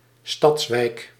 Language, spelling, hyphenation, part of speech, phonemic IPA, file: Dutch, stadswijk, stads‧wijk, noun, /ˈstɑts.ʋɛi̯k/, Nl-stadswijk.ogg
- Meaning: a city quarter